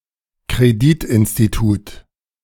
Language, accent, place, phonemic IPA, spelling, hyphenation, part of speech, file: German, Germany, Berlin, /kʁeˈdiːtɪnstiˌtuːt/, Kreditinstitut, Kre‧dit‧in‧s‧ti‧tut, noun, De-Kreditinstitut.ogg
- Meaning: bank